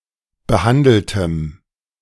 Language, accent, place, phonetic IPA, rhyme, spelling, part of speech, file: German, Germany, Berlin, [bəˈhandl̩təm], -andl̩təm, behandeltem, adjective, De-behandeltem.ogg
- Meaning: strong dative masculine/neuter singular of behandelt